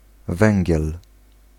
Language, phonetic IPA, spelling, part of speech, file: Polish, [ˈvɛ̃ŋʲɟɛl], węgiel, noun, Pl-węgiel.ogg